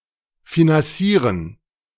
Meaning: to deceive, to intrigue (to form a plot or scheme)
- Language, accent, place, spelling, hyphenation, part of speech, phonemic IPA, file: German, Germany, Berlin, finassieren, fi‧nas‧sie‧ren, verb, /finaˈsiːʁən/, De-finassieren.ogg